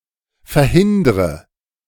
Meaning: inflection of verhindern: 1. first-person singular present 2. first/third-person singular subjunctive I 3. singular imperative
- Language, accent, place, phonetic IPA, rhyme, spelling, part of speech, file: German, Germany, Berlin, [fɛɐ̯ˈhɪndʁə], -ɪndʁə, verhindre, verb, De-verhindre.ogg